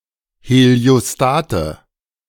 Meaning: nominative/accusative/genitive plural of Heliostat
- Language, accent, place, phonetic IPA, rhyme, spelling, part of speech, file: German, Germany, Berlin, [heli̯oˈstaːtə], -aːtə, Heliostate, noun, De-Heliostate.ogg